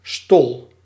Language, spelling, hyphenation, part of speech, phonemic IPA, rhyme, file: Dutch, stol, stol, noun / verb, /stɔl/, -ɔl, Nl-stol.ogg
- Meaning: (noun) stollen; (verb) inflection of stollen: 1. first-person singular present indicative 2. second-person singular present indicative 3. imperative